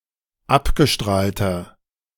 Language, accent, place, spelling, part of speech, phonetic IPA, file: German, Germany, Berlin, abgestrahlter, adjective, [ˈapɡəˌʃtʁaːltɐ], De-abgestrahlter.ogg
- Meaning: inflection of abgestrahlt: 1. strong/mixed nominative masculine singular 2. strong genitive/dative feminine singular 3. strong genitive plural